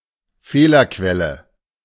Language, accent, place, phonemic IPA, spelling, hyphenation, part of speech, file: German, Germany, Berlin, /ˈfeːlɐkvɛlə/, Fehlerquelle, Feh‧ler‧quel‧le, noun, De-Fehlerquelle.ogg
- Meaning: source of error, error source